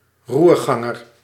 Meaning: helmsman
- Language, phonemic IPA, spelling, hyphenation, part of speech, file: Dutch, /ˈrurɣɑŋər/, roerganger, roer‧gan‧ger, noun, Nl-roerganger.ogg